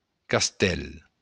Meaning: castle
- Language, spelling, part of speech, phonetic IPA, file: Occitan, castèl, noun, [kasˈtɛl], LL-Q942602-castèl.wav